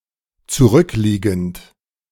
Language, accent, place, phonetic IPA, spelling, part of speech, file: German, Germany, Berlin, [t͡suˈʁʏkˌliːɡn̩t], zurückliegend, verb, De-zurückliegend.ogg
- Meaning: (verb) present participle of zurückliegen; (adjective) 1. supine 2. ago (gone by)